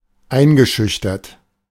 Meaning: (verb) past participle of einschüchtern; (adjective) intimidated
- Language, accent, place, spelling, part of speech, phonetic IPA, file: German, Germany, Berlin, eingeschüchtert, verb, [ˈaɪ̯nɡəˌʃʏçtɐt], De-eingeschüchtert.ogg